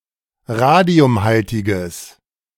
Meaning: strong/mixed nominative/accusative neuter singular of radiumhaltig
- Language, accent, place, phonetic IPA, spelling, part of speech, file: German, Germany, Berlin, [ˈʁaːdi̯ʊmˌhaltɪɡəs], radiumhaltiges, adjective, De-radiumhaltiges.ogg